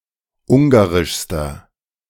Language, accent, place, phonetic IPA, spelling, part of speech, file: German, Germany, Berlin, [ˈʊŋɡaʁɪʃstɐ], ungarischster, adjective, De-ungarischster.ogg
- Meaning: inflection of ungarisch: 1. strong/mixed nominative masculine singular superlative degree 2. strong genitive/dative feminine singular superlative degree 3. strong genitive plural superlative degree